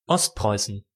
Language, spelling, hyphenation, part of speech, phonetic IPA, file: German, Ostpreußen, Ost‧preu‧ßen, proper noun / noun, [ˈɔstˌpʁɔɪ̯sn̩], De-Ostpreußen.ogg
- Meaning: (proper noun) East Prussia (Province of the Kingdom of Prussia (until 1918) and the Free State of Prussia); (noun) inflection of Ostpreuße: 1. accusative/genitive/dative singular 2. plural